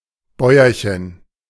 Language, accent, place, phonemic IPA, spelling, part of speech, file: German, Germany, Berlin, /ˈbɔʏ̯ɐçən/, Bäuerchen, noun, De-Bäuerchen.ogg
- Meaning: 1. diminutive of Bauer 2. the burp or slight vomit of a baby 3. an instance of burping or vomiting by an adult